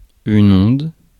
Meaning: 1. wave 2. water, especially calm water
- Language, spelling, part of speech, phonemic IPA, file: French, onde, noun, /ɔ̃d/, Fr-onde.ogg